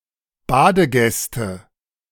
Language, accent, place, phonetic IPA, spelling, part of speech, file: German, Germany, Berlin, [ˈbaːdəˌɡɛstə], Badegäste, noun, De-Badegäste.ogg
- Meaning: nominative/accusative/genitive plural of Badegast